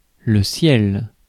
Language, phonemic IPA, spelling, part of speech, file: French, /sjɛl/, ciel, noun / interjection, Fr-ciel.ogg
- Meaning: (noun) 1. sky 2. heaven 3. canopy (of a bed, etc.); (interjection) heavens!